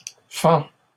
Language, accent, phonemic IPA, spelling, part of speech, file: French, Canada, /fɑ̃/, fends, verb, LL-Q150 (fra)-fends.wav
- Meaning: inflection of fendre: 1. first/second-person singular present indicative 2. second-person singular imperative